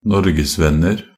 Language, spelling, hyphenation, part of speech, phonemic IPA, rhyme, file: Norwegian Bokmål, norgesvenner, nor‧ges‧venn‧er, noun, /ˈnɔrɡɛsvɛnːər/, -ər, Nb-norgesvenner.ogg
- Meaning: indefinite plural of norgesvenn